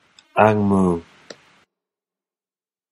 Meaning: A white person, especially one perceived as a foreigner rather than a local inhabitant
- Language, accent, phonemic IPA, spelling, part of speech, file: English, General American, /ˌɑŋ ˈmoʊ/, ang moh, noun, En-us-ang moh.flac